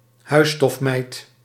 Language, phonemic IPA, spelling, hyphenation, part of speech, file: Dutch, /ˈɦœy̯.stɔfˌmɛi̯t/, huisstofmijt, huis‧stof‧mijt, noun, Nl-huisstofmijt.ogg
- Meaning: house dust mite, dust mite